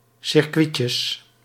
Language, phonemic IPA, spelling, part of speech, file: Dutch, /sɪrˈkʋitjjəs/, circuitjes, noun, Nl-circuitjes.ogg
- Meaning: plural of circuitje